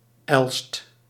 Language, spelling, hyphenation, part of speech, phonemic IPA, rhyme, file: Dutch, Elst, Elst, proper noun, /ɛlst/, -ɛlst, Nl-Elst.ogg
- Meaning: 1. a village and former municipality of Overbetuwe, Gelderland, Netherlands 2. a village in Rhenen, Utrecht, Netherlands 3. a hamlet in Oss, North Brabant, Netherlands